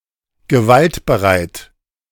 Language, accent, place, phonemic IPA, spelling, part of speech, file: German, Germany, Berlin, /ɡəˈvalt.bəˌʁaɪ̯t/, gewaltbereit, adjective, De-gewaltbereit.ogg
- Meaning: prone to violence; violent (inclined and likely to act violently, especially of groups, but also individuals)